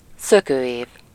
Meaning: leap year
- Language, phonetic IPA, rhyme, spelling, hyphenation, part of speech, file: Hungarian, [ˈsøkøːjeːv], -eːv, szökőév, szö‧kő‧év, noun, Hu-szökőév.ogg